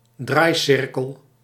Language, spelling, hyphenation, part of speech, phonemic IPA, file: Dutch, draaicirkel, draai‧cir‧kel, noun, /ˈdraːi̯ˌsɪr.kəl/, Nl-draaicirkel.ogg
- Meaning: turning circle